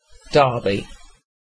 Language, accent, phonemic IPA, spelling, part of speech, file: English, UK, /ˈdɑːbi/, Derby, proper noun / noun, En-uk-Derby.ogg
- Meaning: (proper noun) A city and unitary authority in Derbyshire, East Midlands, England; formerly the county town (OS grid ref SK3536)